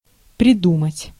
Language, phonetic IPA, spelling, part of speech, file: Russian, [prʲɪˈdumətʲ], придумать, verb, Ru-придумать.ogg
- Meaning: to make up, to think out, to devise, to contrive, to invent